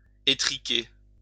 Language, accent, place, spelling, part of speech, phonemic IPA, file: French, France, Lyon, étriquer, verb, /e.tʁi.ke/, LL-Q150 (fra)-étriquer.wav
- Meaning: to narrow